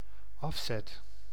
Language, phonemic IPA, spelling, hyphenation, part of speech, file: Dutch, /ˈɑf.sɛt/, afzet, af‧zet, noun / verb, Nl-afzet.ogg
- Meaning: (noun) sales (the totality of products or services sold in a given timeframe); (verb) first/second/third-person singular dependent-clause present indicative of afzetten